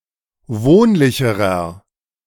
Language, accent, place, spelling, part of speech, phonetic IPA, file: German, Germany, Berlin, wohnlicherer, adjective, [ˈvoːnlɪçəʁɐ], De-wohnlicherer.ogg
- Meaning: inflection of wohnlich: 1. strong/mixed nominative masculine singular comparative degree 2. strong genitive/dative feminine singular comparative degree 3. strong genitive plural comparative degree